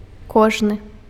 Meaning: each, every
- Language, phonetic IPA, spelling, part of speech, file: Belarusian, [ˈkoʐnɨ], кожны, determiner, Be-кожны.ogg